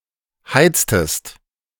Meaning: inflection of heizen: 1. second-person singular preterite 2. second-person singular subjunctive II
- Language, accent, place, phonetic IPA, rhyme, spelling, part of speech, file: German, Germany, Berlin, [ˈhaɪ̯t͡stəst], -aɪ̯t͡stəst, heiztest, verb, De-heiztest.ogg